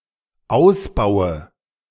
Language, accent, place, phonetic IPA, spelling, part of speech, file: German, Germany, Berlin, [ˈaʊ̯sˌbaʊ̯ə], ausbaue, verb, De-ausbaue.ogg
- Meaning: inflection of ausbauen: 1. first-person singular dependent present 2. first/third-person singular dependent subjunctive I